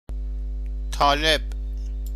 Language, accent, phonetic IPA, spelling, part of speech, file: Persian, Iran, [t̪ʰɒː.léb̥], طالب, noun, Fa-طالب.ogg
- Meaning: 1. seeker 2. student 3. a member of the Taliban